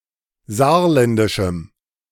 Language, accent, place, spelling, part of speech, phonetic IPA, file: German, Germany, Berlin, saarländischem, adjective, [ˈzaːɐ̯ˌlɛndɪʃm̩], De-saarländischem.ogg
- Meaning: strong dative masculine/neuter singular of saarländisch